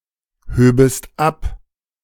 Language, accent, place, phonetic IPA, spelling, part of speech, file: German, Germany, Berlin, [ˌhøːbəst ˈap], höbest ab, verb, De-höbest ab.ogg
- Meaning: second-person singular subjunctive II of abheben